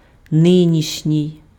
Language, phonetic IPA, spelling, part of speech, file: Ukrainian, [ˈnɪnʲiʃnʲii̯], нинішній, adjective, Uk-нинішній.ogg
- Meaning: 1. current, present, present-day (existing or happening now) 2. today's, of today